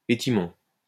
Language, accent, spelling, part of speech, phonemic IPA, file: French, France, étymon, noun, /e.ti.mɔ̃/, LL-Q150 (fra)-étymon.wav
- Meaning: etymon